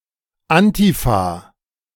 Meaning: abbreviation of Antifaschistische Aktion (organisation that was part of the Communist Party of Germany from 1932 to 1933)
- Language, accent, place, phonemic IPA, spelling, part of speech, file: German, Germany, Berlin, /ˈantiˌfaː/, Antifa, proper noun, De-Antifa.ogg